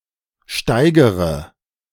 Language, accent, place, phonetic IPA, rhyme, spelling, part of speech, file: German, Germany, Berlin, [ˈʃtaɪ̯ɡəʁə], -aɪ̯ɡəʁə, steigere, verb, De-steigere.ogg
- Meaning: inflection of steigern: 1. first-person singular present 2. first/third-person singular subjunctive I 3. singular imperative